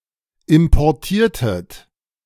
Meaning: inflection of importieren: 1. second-person plural preterite 2. second-person plural subjunctive II
- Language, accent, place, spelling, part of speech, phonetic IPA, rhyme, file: German, Germany, Berlin, importiertet, verb, [ɪmpɔʁˈtiːɐ̯tət], -iːɐ̯tət, De-importiertet.ogg